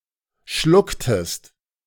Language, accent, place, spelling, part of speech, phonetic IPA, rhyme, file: German, Germany, Berlin, schlucktest, verb, [ˈʃlʊktəst], -ʊktəst, De-schlucktest.ogg
- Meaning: inflection of schlucken: 1. second-person singular preterite 2. second-person singular subjunctive II